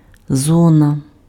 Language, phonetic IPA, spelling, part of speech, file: Ukrainian, [ˈzɔnɐ], зона, noun, Uk-зона.ogg
- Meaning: 1. zone 2. prison